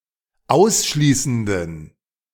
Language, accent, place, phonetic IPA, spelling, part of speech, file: German, Germany, Berlin, [ˈaʊ̯sˌʃliːsn̩dən], ausschließenden, adjective, De-ausschließenden.ogg
- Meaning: inflection of ausschließend: 1. strong genitive masculine/neuter singular 2. weak/mixed genitive/dative all-gender singular 3. strong/weak/mixed accusative masculine singular 4. strong dative plural